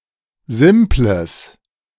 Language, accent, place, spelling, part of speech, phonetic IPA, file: German, Germany, Berlin, simples, adjective, [ˈzɪmpləs], De-simples.ogg
- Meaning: strong/mixed nominative/accusative neuter singular of simpel